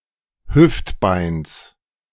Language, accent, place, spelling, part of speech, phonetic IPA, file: German, Germany, Berlin, Hüftbeins, noun, [ˈhʏftˌbaɪ̯ns], De-Hüftbeins.ogg
- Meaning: genitive of Hüftbein